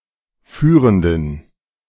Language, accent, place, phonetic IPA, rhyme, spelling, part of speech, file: German, Germany, Berlin, [ˈfyːʁəndn̩], -yːʁəndn̩, führenden, adjective, De-führenden.ogg
- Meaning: inflection of führend: 1. strong genitive masculine/neuter singular 2. weak/mixed genitive/dative all-gender singular 3. strong/weak/mixed accusative masculine singular 4. strong dative plural